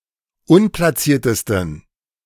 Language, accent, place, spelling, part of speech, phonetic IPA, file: German, Germany, Berlin, unplatziertesten, adjective, [ˈʊnplaˌt͡siːɐ̯təstn̩], De-unplatziertesten.ogg
- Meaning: 1. superlative degree of unplatziert 2. inflection of unplatziert: strong genitive masculine/neuter singular superlative degree